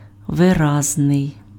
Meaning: 1. expressive 2. clear, distinct
- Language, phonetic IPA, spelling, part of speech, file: Ukrainian, [ʋeˈraznei̯], виразний, adjective, Uk-виразний.ogg